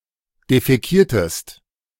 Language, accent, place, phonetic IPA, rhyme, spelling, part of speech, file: German, Germany, Berlin, [defɛˈkiːɐ̯təst], -iːɐ̯təst, defäkiertest, verb, De-defäkiertest.ogg
- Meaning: inflection of defäkieren: 1. second-person singular preterite 2. second-person singular subjunctive II